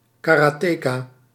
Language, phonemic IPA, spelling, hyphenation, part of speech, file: Dutch, /ˌkaːˈraː.tə.kaː/, karateka, ka‧ra‧te‧ka, noun, Nl-karateka.ogg
- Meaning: karateka